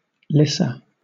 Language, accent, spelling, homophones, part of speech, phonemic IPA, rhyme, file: English, Southern England, Lyssa, lyssa, proper noun, /ˈlɪsə/, -ɪsə, LL-Q1860 (eng)-Lyssa.wav
- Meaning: A female given name